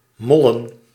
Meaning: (verb) to wreck, to destroy; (noun) plural of mol
- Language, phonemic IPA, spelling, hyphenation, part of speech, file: Dutch, /ˈmɔ.lə(n)/, mollen, mol‧len, verb / noun, Nl-mollen.ogg